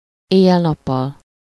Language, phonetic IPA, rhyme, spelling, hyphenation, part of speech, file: Hungarian, [ˈeːjːɛl ˌnɒpːɒl], -ɒl, éjjel-nappal, éj‧jel-‧nap‧pal, adverb, Hu-éjjel-nappal.ogg
- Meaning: day and night, all the time, round the clock, unceasingly